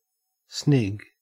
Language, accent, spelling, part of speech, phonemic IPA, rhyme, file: English, Australia, snig, verb / noun, /snɪɡ/, -ɪɡ, En-au-snig.ogg
- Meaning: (verb) 1. To drag a log along the ground by means of a chain fastened at one end 2. To sneak 3. To chop off; to cut; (noun) A small eel